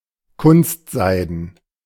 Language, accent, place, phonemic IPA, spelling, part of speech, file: German, Germany, Berlin, /ˈkʊnstˌzaɪ̯dn̩/, kunstseiden, adjective, De-kunstseiden.ogg
- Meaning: rayon (or similar)